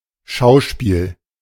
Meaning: 1. play (theatrical performance), drama 2. spectacle, sight 3. playhouse
- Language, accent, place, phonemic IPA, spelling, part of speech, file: German, Germany, Berlin, /ˈʃaʊ̯ʃpiːl/, Schauspiel, noun, De-Schauspiel.ogg